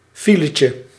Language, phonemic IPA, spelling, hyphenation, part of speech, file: Dutch, /ˈfilətjə/, filetje, fi‧le‧tje, noun, Nl-filetje.ogg
- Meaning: diminutive of file (“queue / traffic jam”)